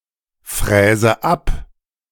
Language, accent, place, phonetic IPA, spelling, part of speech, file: German, Germany, Berlin, [ˌfʁɛːzə ˈap], fräse ab, verb, De-fräse ab.ogg
- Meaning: inflection of abfräsen: 1. first-person singular present 2. first/third-person singular subjunctive I 3. singular imperative